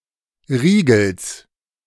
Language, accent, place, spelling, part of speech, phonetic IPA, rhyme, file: German, Germany, Berlin, Riegels, noun, [ˈʁiːɡl̩s], -iːɡl̩s, De-Riegels.ogg
- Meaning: genitive singular of Riegel